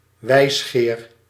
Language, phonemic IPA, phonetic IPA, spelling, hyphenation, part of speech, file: Dutch, /ˈʋɛi̯s.xeːr/, [ˈʋɛi̯s.xɪːr], wijsgeer, wijs‧geer, noun, Nl-wijsgeer.ogg
- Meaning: philosopher